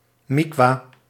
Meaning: mikveh
- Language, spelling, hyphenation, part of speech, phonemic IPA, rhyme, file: Dutch, mikwa, mik‧wa, noun, /mɪkˈʋaː/, -aː, Nl-mikwa.ogg